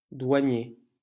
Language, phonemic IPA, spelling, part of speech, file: French, /dwa.nje/, douanier, adjective / noun, LL-Q150 (fra)-douanier.wav
- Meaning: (adjective) customs; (noun) customs officer